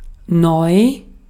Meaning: 1. new 2. modern, recent, latest
- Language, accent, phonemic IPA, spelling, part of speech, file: German, Austria, /nɔʏ̯/, neu, adjective, De-at-neu.ogg